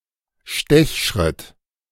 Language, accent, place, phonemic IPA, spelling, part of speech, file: German, Germany, Berlin, /ʃtɛçʃʁɪt/, Stechschritt, noun, De-Stechschritt.ogg
- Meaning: goose-step (style of marching)